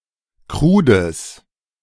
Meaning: strong/mixed nominative/accusative neuter singular of krud
- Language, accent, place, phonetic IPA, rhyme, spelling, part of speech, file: German, Germany, Berlin, [ˈkʁuːdəs], -uːdəs, krudes, adjective, De-krudes.ogg